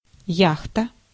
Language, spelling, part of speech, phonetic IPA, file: Russian, яхта, noun, [ˈjaxtə], Ru-яхта.ogg
- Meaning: yacht (slick and light ship)